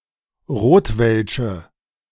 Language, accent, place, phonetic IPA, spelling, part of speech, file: German, Germany, Berlin, [ˈʁoːtvɛlʃə], rotwelsche, adjective, De-rotwelsche.ogg
- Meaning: inflection of rotwelsch: 1. strong/mixed nominative/accusative feminine singular 2. strong nominative/accusative plural 3. weak nominative all-gender singular